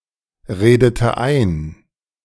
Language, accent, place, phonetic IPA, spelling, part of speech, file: German, Germany, Berlin, [ˌʁeːdətə ˈaɪ̯n], redete ein, verb, De-redete ein.ogg
- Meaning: inflection of einreden: 1. first/third-person singular preterite 2. first/third-person singular subjunctive II